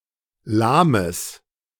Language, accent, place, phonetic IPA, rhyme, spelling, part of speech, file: German, Germany, Berlin, [ˈlaːməs], -aːməs, lahmes, adjective, De-lahmes.ogg
- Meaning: strong/mixed nominative/accusative neuter singular of lahm